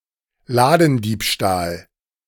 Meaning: shoplifting
- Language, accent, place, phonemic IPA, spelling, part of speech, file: German, Germany, Berlin, /ˈlaːdn̩ˌdiːpʃtaːl/, Ladendiebstahl, noun, De-Ladendiebstahl.ogg